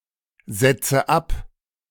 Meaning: inflection of absetzen: 1. first-person singular present 2. first/third-person singular subjunctive I 3. singular imperative
- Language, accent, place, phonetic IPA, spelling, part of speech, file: German, Germany, Berlin, [ˌz̥ɛt͡sə ˈap], setze ab, verb, De-setze ab.ogg